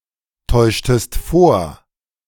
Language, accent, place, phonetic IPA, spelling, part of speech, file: German, Germany, Berlin, [ˌtɔɪ̯ʃtəst ˈfoːɐ̯], täuschtest vor, verb, De-täuschtest vor.ogg
- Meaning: inflection of vortäuschen: 1. second-person singular preterite 2. second-person singular subjunctive II